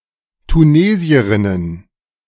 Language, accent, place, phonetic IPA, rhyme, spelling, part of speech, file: German, Germany, Berlin, [tuˈneːzi̯əʁɪnən], -eːzi̯əʁɪnən, Tunesierinnen, noun, De-Tunesierinnen.ogg
- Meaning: plural of Tunesierin